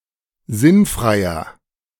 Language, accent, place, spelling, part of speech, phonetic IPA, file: German, Germany, Berlin, sinnfreier, adjective, [ˈzɪnˌfʁaɪ̯ɐ], De-sinnfreier.ogg
- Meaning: 1. comparative degree of sinnfrei 2. inflection of sinnfrei: strong/mixed nominative masculine singular 3. inflection of sinnfrei: strong genitive/dative feminine singular